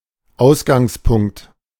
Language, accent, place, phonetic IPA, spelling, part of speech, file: German, Germany, Berlin, [ˈaʊ̯sɡaŋsˌpʊŋkt], Ausgangspunkt, noun, De-Ausgangspunkt.ogg
- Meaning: 1. origin, basis 2. starting point